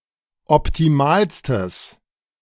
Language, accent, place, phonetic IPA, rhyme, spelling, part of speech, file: German, Germany, Berlin, [ɔptiˈmaːlstəs], -aːlstəs, optimalstes, adjective, De-optimalstes.ogg
- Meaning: strong/mixed nominative/accusative neuter singular superlative degree of optimal